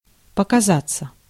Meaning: 1. to appear, to come into view, to come in sight 2. to turn up, to show up 3. to seem
- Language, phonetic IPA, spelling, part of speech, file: Russian, [pəkɐˈzat͡sːə], показаться, verb, Ru-показаться.ogg